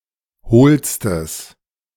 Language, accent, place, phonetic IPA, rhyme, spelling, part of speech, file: German, Germany, Berlin, [ˈhoːlstəs], -oːlstəs, hohlstes, adjective, De-hohlstes.ogg
- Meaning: strong/mixed nominative/accusative neuter singular superlative degree of hohl